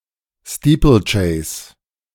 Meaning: steeplechase
- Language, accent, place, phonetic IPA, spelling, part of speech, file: German, Germany, Berlin, [ˈstiːpl̩ˌt͡ʃɛɪ̯s], Steeplechase, noun, De-Steeplechase.ogg